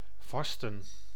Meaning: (verb) to fast; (noun) 1. fast (period of time when one abstains from or eats very little food) 2. plural of vaste
- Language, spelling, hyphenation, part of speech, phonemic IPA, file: Dutch, vasten, vas‧ten, verb / noun, /ˈvɑs.tə(n)/, Nl-vasten.ogg